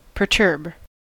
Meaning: 1. To cause (something) to be physically disordered or disturbed; to cause confusion 2. To disturb (someone, their mind, etc.) mentally; to bother, trouble, upset
- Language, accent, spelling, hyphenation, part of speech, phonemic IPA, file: English, General American, perturb, per‧turb, verb, /pəɹˈtɜɹb/, En-us-perturb.ogg